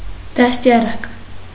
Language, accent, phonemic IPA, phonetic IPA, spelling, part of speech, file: Armenian, Eastern Armenian, /dɑstjɑˈɾɑk/, [dɑstjɑɾɑ́k], դաստիարակ, noun, Hy-դաստիարակ.ogg
- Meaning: educator; teacher; tutor; governess; preceptor